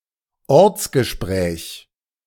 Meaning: local call
- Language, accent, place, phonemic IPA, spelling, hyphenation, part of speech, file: German, Germany, Berlin, /ˈɔʁt͡sɡəˌʃpʁɛːç/, Ortsgespräch, Orts‧ge‧spräch, noun, De-Ortsgespräch.ogg